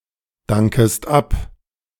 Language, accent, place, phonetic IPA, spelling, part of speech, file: German, Germany, Berlin, [ˌdaŋkəst ˈap], dankest ab, verb, De-dankest ab.ogg
- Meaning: second-person singular subjunctive I of abdanken